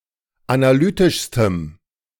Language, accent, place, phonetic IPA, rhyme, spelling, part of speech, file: German, Germany, Berlin, [anaˈlyːtɪʃstəm], -yːtɪʃstəm, analytischstem, adjective, De-analytischstem.ogg
- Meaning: strong dative masculine/neuter singular superlative degree of analytisch